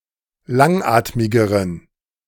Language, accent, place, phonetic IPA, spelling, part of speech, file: German, Germany, Berlin, [ˈlaŋˌʔaːtmɪɡəʁən], langatmigeren, adjective, De-langatmigeren.ogg
- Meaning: inflection of langatmig: 1. strong genitive masculine/neuter singular comparative degree 2. weak/mixed genitive/dative all-gender singular comparative degree